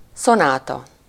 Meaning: sonata
- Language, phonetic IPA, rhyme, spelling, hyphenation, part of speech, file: Hungarian, [ˈsonaːtɒ], -tɒ, szonáta, szo‧ná‧ta, noun, Hu-szonáta.ogg